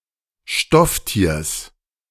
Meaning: genitive singular of Stofftier
- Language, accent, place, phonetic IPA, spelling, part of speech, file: German, Germany, Berlin, [ˈʃtɔfˌtiːɐ̯s], Stofftiers, noun, De-Stofftiers.ogg